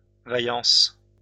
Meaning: valiance, courage, bravery
- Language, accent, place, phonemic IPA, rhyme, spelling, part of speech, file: French, France, Lyon, /va.jɑ̃s/, -ɑ̃s, vaillance, noun, LL-Q150 (fra)-vaillance.wav